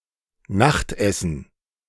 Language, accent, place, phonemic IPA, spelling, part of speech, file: German, Germany, Berlin, /ˈnaχtɛsn̩/, Nachtessen, noun, De-Nachtessen.ogg
- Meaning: supper (food before going to bed)